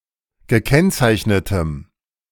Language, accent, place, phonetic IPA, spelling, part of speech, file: German, Germany, Berlin, [ɡəˈkɛnt͡saɪ̯çnətəm], gekennzeichnetem, adjective, De-gekennzeichnetem.ogg
- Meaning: strong dative masculine/neuter singular of gekennzeichnet